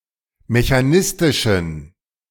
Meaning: inflection of mechanistisch: 1. strong genitive masculine/neuter singular 2. weak/mixed genitive/dative all-gender singular 3. strong/weak/mixed accusative masculine singular 4. strong dative plural
- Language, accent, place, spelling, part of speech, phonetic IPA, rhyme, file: German, Germany, Berlin, mechanistischen, adjective, [meçaˈnɪstɪʃn̩], -ɪstɪʃn̩, De-mechanistischen.ogg